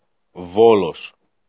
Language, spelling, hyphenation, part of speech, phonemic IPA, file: Greek, Βόλος, Βό‧λος, proper noun, /ˈvolos/, El-Βόλος.ogg
- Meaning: Volos (port city in Thessaly, Greece, and the capital of the regional unit of Magnesia)